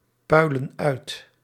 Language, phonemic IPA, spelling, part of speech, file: Dutch, /ˈpœylə(n) ˈœyt/, puilen uit, verb, Nl-puilen uit.ogg
- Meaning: inflection of uitpuilen: 1. plural present indicative 2. plural present subjunctive